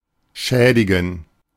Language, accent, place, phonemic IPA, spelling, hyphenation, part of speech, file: German, Germany, Berlin, /ˈʃɛːdɪɡən/, schädigen, schä‧di‧gen, verb, De-schädigen.ogg
- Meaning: to damage, harm, hurt, injure